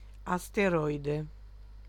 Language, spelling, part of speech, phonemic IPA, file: Italian, asteroide, noun, /asteˈrɔjde/, It-asteroide.ogg